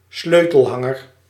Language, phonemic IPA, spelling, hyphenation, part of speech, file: Dutch, /ˈsløː.təlˌɦɑ.ŋər/, sleutelhanger, sleu‧tel‧han‧ger, noun, Nl-sleutelhanger.ogg
- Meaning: keychain